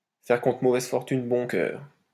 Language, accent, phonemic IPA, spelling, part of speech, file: French, France, /fɛʁ kɔ̃.tʁə mo.vɛz fɔʁ.tyn bɔ̃ kœʁ/, faire contre mauvaise fortune bon cœur, verb, LL-Q150 (fra)-faire contre mauvaise fortune bon cœur.wav
- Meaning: to grin and bear it, to make the best of a bad job, to put a brave face on it, to take the rough with the smooth